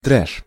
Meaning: alternative form of треш (trɛš)
- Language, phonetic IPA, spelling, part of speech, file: Russian, [trɛʂ], трэш, noun, Ru-трэш.ogg